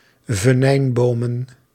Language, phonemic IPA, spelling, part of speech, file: Dutch, /vəˈnɛimbomə(n)/, venijnbomen, noun, Nl-venijnbomen.ogg
- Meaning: plural of venijnboom